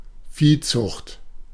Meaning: animal husbandry, livestock breeding
- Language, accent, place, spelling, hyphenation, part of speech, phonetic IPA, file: German, Germany, Berlin, Viehzucht, Vieh‧zucht, noun, [ˈfiːˌt͡sʊxt], De-Viehzucht.ogg